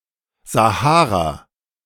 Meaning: Sahara (a desert in North Africa)
- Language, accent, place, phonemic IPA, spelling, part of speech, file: German, Germany, Berlin, /zaˈhaːʁa/, Sahara, proper noun, De-Sahara.ogg